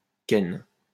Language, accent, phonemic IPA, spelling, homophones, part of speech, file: French, France, /kɛn/, ken, Ken, verb, LL-Q150 (fra)-ken.wav
- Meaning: synonym of niquer